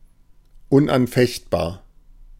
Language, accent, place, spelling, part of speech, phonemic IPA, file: German, Germany, Berlin, unanfechtbar, adjective, /ʊnʔanˈfɛçtˌbaːɐ̯/, De-unanfechtbar.ogg
- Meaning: incontestable, indisputable, unassailable, undeniable